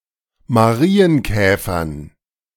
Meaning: dative plural of Marienkäfer
- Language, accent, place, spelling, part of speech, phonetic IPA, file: German, Germany, Berlin, Marienkäfern, noun, [maˈʁiːənˌkɛːfɐn], De-Marienkäfern.ogg